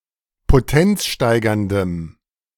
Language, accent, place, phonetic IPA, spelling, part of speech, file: German, Germany, Berlin, [poˈtɛnt͡sˌʃtaɪ̯ɡɐndəm], potenzsteigerndem, adjective, De-potenzsteigerndem.ogg
- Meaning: strong dative masculine/neuter singular of potenzsteigernd